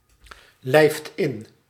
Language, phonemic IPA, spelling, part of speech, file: Dutch, /lɛɪft ɪn/, lijft in, verb, Nl-lijft in.ogg
- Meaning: inflection of inlijven: 1. second/third-person singular present indicative 2. plural imperative